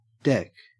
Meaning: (noun) The subhead of a news story; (numeral) The cardinal number occurring after nine and before el in a duodecimal system. Written ↊, decimal value 10
- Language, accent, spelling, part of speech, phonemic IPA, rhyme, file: English, Australia, dek, noun / numeral, /dɛk/, -ɛk, En-au-dek.ogg